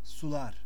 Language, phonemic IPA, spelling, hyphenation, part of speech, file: Turkish, /suˈlaɾ/, sular, su‧lar, noun / verb, Sular.ogg
- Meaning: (noun) nominative plural of su; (verb) third-person singular indicative aorist of sulamak